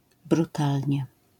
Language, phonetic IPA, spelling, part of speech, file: Polish, [bruˈtalʲɲɛ], brutalnie, adverb, LL-Q809 (pol)-brutalnie.wav